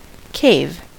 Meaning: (noun) 1. A large, naturally-occurring cavity formed underground or in the face of a cliff or a hillside 2. A hole, depression, or gap in earth or rock, whether natural or man-made
- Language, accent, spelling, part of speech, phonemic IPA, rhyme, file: English, US, cave, noun / verb, /keɪv/, -eɪv, En-us-cave.ogg